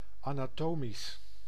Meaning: anatomical, anatomic
- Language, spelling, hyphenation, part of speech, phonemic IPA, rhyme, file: Dutch, anatomisch, ana‧to‧misch, adjective, /ˌaː.naːˈtoː.mis/, -oːmis, Nl-anatomisch.ogg